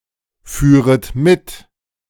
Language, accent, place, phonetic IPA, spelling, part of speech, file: German, Germany, Berlin, [ˌfyːʁət ˈmɪt], führet mit, verb, De-führet mit.ogg
- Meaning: second-person plural subjunctive II of mitfahren